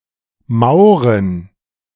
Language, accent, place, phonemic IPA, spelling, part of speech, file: German, Germany, Berlin, /ˈmaʊ̯ʁən/, Mauren, proper noun / noun, De-Mauren.ogg
- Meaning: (proper noun) a municipality of Liechtenstein; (noun) inflection of Maure: 1. genitive/dative/accusative singular 2. all-case plural